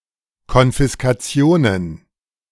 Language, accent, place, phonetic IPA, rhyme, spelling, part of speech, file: German, Germany, Berlin, [kɔnfɪskaˈt͡si̯oːnən], -oːnən, Konfiskationen, noun, De-Konfiskationen.ogg
- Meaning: plural of Konfiskation